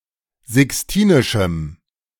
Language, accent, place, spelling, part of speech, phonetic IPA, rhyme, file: German, Germany, Berlin, sixtinischem, adjective, [zɪksˈtiːnɪʃm̩], -iːnɪʃm̩, De-sixtinischem.ogg
- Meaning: strong dative masculine/neuter singular of sixtinisch